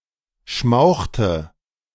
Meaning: inflection of schmauchen: 1. first/third-person singular preterite 2. first/third-person singular subjunctive II
- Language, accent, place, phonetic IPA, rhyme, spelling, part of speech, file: German, Germany, Berlin, [ˈʃmaʊ̯xtə], -aʊ̯xtə, schmauchte, verb, De-schmauchte.ogg